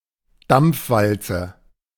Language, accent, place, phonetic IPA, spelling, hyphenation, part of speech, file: German, Germany, Berlin, [ˈdamp͡fˌvalt͡sə], Dampfwalze, Dampf‧wal‧ze, noun, De-Dampfwalze.ogg
- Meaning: steamroller